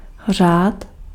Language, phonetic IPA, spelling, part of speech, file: Czech, [ˈr̝aːt], řád, noun, Cs-řád.ogg
- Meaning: 1. order (opposite to chaos) 2. order 3. order (religious group)